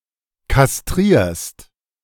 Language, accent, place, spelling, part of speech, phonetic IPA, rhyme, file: German, Germany, Berlin, kastrierst, verb, [kasˈtʁiːɐ̯st], -iːɐ̯st, De-kastrierst.ogg
- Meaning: second-person singular present of kastrieren